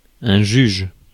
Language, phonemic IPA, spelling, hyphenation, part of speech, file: French, /ʒyʒ/, juge, juge, noun / verb, Fr-juge.ogg
- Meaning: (noun) 1. judge 2. referee; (verb) inflection of juger: 1. first/third-person singular present indicative/subjunctive 2. second-person singular imperative